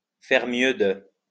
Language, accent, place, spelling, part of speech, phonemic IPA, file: French, France, Lyon, faire mieux de, verb, /fɛʁ mjø də/, LL-Q150 (fra)-faire mieux de.wav
- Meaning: had better